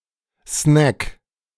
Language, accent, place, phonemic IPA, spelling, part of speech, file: German, Germany, Berlin, /snɛk/, Snack, noun, De-Snack.ogg
- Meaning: snack (a light meal)